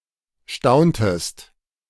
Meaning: inflection of staunen: 1. second-person singular preterite 2. second-person singular subjunctive II
- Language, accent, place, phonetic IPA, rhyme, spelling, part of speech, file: German, Germany, Berlin, [ˈʃtaʊ̯ntəst], -aʊ̯ntəst, stauntest, verb, De-stauntest.ogg